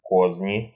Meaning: intrigues, machinations
- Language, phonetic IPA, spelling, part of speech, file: Russian, [ˈkozʲnʲɪ], козни, noun, Ru-ко́зни.ogg